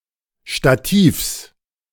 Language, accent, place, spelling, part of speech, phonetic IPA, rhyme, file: German, Germany, Berlin, Stativs, noun, [ʃtaˈtiːfs], -iːfs, De-Stativs.ogg
- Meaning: genitive of Stativ